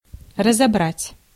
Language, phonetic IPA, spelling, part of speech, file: Russian, [rəzɐˈbratʲ], разобрать, verb, Ru-разобрать.ogg
- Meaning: 1. to dismantle, to disassemble, to take apart, to deconstruct 2. to analyse, to parse 3. to take, buy up, snap up 4. to make out, read